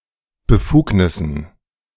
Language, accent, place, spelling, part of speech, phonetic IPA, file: German, Germany, Berlin, Befugnissen, noun, [bəˈfuːknɪsn̩], De-Befugnissen.ogg
- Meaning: dative plural of Befugnis